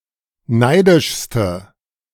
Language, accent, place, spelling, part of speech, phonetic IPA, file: German, Germany, Berlin, neidischste, adjective, [ˈnaɪ̯dɪʃstə], De-neidischste.ogg
- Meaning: inflection of neidisch: 1. strong/mixed nominative/accusative feminine singular superlative degree 2. strong nominative/accusative plural superlative degree